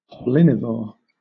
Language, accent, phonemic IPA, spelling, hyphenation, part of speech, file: English, Southern England, /pɒˈlɪnɪvɔː(ɹ)/, pollinivore, pol‧lin‧i‧vore, noun, LL-Q1860 (eng)-pollinivore.wav
- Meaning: Any animal that feeds on pollen; a palynivore